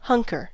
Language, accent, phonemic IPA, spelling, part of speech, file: English, US, /ˈhʌŋkɚ/, hunker, verb / noun, En-us-hunker.ogg
- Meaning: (verb) 1. To crouch or squat close to the ground or lie down 2. To apply oneself to a task; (noun) A political conservative